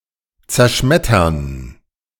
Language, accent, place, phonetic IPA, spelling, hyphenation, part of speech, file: German, Germany, Berlin, [t͡sɛɐ̯ˈʃmɛtɐn], zerschmettern, zer‧schmet‧tern, verb, De-zerschmettern.ogg
- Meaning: to smash; to smash up